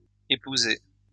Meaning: past participle of épouser
- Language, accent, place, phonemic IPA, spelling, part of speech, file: French, France, Lyon, /e.pu.ze/, épousé, verb, LL-Q150 (fra)-épousé.wav